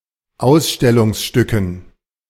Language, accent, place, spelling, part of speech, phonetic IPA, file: German, Germany, Berlin, Ausstellungsstücken, noun, [ˈaʊ̯sʃtɛlʊŋsˌʃtʏkn̩], De-Ausstellungsstücken.ogg
- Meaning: dative plural of Ausstellungsstück